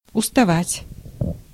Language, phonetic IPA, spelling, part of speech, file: Russian, [ʊstɐˈvatʲ], уставать, verb, Ru-уставать.ogg
- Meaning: to get tired